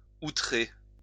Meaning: 1. to exaggerate 2. to outrage
- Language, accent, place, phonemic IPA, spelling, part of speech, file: French, France, Lyon, /u.tʁe/, outrer, verb, LL-Q150 (fra)-outrer.wav